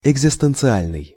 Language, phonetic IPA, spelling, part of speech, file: Russian, [ɪɡzʲɪstɨnt͡sɨˈalʲnɨj], экзистенциальный, adjective, Ru-экзистенциальный.ogg
- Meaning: existential